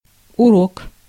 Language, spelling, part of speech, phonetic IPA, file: Russian, урок, noun, [ʊˈrok], Ru-урок.ogg
- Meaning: 1. lesson 2. task